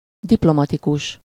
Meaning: diplomatic (concerning the relationships between the governments of countries)
- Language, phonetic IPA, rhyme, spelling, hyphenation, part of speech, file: Hungarian, [ˈdiplomɒtikuʃ], -uʃ, diplomatikus, dip‧lo‧ma‧ti‧kus, adjective, Hu-diplomatikus.ogg